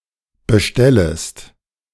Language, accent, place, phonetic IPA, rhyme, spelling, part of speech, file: German, Germany, Berlin, [bəˈʃtɛləst], -ɛləst, bestellest, verb, De-bestellest.ogg
- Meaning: second-person singular subjunctive I of bestellen